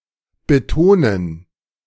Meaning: 1. to emphasize 2. to stress
- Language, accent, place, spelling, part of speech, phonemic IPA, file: German, Germany, Berlin, betonen, verb, /bəˈtoːnən/, De-betonen.ogg